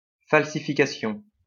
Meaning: falsification
- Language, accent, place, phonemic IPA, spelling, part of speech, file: French, France, Lyon, /fal.si.fi.ka.sjɔ̃/, falsification, noun, LL-Q150 (fra)-falsification.wav